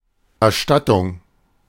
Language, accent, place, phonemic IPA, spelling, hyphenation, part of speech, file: German, Germany, Berlin, /ɛɐ̯ˈʃtatʊŋ/, Erstattung, Er‧stat‧tung, noun, De-Erstattung.ogg
- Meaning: 1. refund, reimbursement 2. performance, administration, execution, bestowal